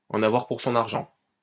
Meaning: to get one's money's worth, to get good value for money
- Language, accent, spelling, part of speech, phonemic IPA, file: French, France, en avoir pour son argent, verb, /ɑ̃.n‿a.vwaʁ puʁ sɔ̃.n‿aʁ.ʒɑ̃/, LL-Q150 (fra)-en avoir pour son argent.wav